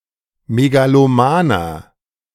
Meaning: 1. comparative degree of megaloman 2. inflection of megaloman: strong/mixed nominative masculine singular 3. inflection of megaloman: strong genitive/dative feminine singular
- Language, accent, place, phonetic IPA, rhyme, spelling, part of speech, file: German, Germany, Berlin, [meɡaloˈmaːnɐ], -aːnɐ, megalomaner, adjective, De-megalomaner.ogg